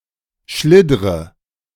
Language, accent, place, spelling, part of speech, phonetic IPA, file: German, Germany, Berlin, schliddre, verb, [ˈʃlɪdʁə], De-schliddre.ogg
- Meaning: inflection of schliddern: 1. first-person singular present 2. first/third-person singular subjunctive I 3. singular imperative